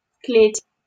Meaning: 1. the log walls framing and enclosing a room; cribbing 2. closet, larder, storeroom (a type of unheated storage room or small storage building in a traditional Russian architecture) 3. cage
- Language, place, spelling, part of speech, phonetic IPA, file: Russian, Saint Petersburg, клеть, noun, [klʲetʲ], LL-Q7737 (rus)-клеть.wav